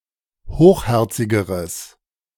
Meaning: strong/mixed nominative/accusative neuter singular comparative degree of hochherzig
- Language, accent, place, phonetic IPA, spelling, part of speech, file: German, Germany, Berlin, [ˈhoːxˌhɛʁt͡sɪɡəʁəs], hochherzigeres, adjective, De-hochherzigeres.ogg